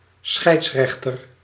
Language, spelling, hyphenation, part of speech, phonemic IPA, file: Dutch, scheidsrechter, scheids‧rech‧ter, noun, /ˈsxɛi̯tsˌrɛx.tər/, Nl-scheidsrechter.ogg
- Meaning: referee, arbiter, umpire, judge